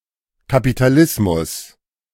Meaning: capitalism
- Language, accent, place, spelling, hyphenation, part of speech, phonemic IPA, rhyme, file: German, Germany, Berlin, Kapitalismus, Ka‧pi‧ta‧lis‧mus, noun, /ka.pi.taˈlɪs.mʊs/, -ɪsmʊs, De-Kapitalismus.ogg